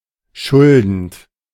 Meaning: present participle of schulden
- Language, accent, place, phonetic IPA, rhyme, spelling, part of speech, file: German, Germany, Berlin, [ˈʃʊldn̩t], -ʊldn̩t, schuldend, verb, De-schuldend.ogg